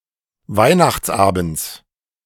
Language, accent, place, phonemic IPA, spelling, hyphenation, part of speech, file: German, Germany, Berlin, /ˈvaɪ̯naxt͡sˌʔaːbn̩t͡s/, Weihnachtsabends, Weih‧nachts‧abends, noun, De-Weihnachtsabends.ogg
- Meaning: genitive singular of Weihnachtsabend